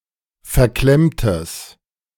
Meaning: strong/mixed nominative/accusative neuter singular of verklemmt
- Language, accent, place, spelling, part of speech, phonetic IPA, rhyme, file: German, Germany, Berlin, verklemmtes, adjective, [fɛɐ̯ˈklɛmtəs], -ɛmtəs, De-verklemmtes.ogg